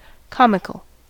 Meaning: 1. Originally, relating to comedy 2. Funny, whimsically amusing 3. Laughable; ridiculous
- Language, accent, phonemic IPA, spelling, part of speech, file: English, US, /ˈkɑmɪkəl/, comical, adjective, En-us-comical.ogg